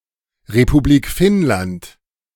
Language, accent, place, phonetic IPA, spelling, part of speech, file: German, Germany, Berlin, [ʁepuˈbliːk ˈfɪnlant], Republik Finnland, phrase, De-Republik Finnland.ogg
- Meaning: Republic of Finland (long form of Finland: a country in Northern Europe)